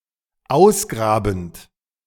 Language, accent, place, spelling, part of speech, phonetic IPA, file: German, Germany, Berlin, ausgrabend, verb, [ˈaʊ̯sˌɡʁaːbn̩t], De-ausgrabend.ogg
- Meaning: present participle of ausgraben